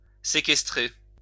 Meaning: 1. to sequester, to store away 2. to detain, to confine (often against one's will)
- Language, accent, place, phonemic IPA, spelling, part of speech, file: French, France, Lyon, /se.kɛs.tʁe/, séquestrer, verb, LL-Q150 (fra)-séquestrer.wav